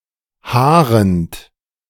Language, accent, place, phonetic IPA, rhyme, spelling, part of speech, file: German, Germany, Berlin, [ˈhaːʁənt], -aːʁənt, haarend, adjective / verb, De-haarend.ogg
- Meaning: present participle of haaren